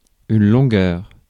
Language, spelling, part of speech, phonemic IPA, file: French, longueur, noun, /lɔ̃.ɡœʁ/, Fr-longueur.ogg
- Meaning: length